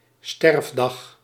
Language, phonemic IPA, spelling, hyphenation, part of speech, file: Dutch, /ˈstɛrf.dɑx/, sterfdag, sterf‧dag, noun, Nl-sterfdag.ogg
- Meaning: date of death, dying day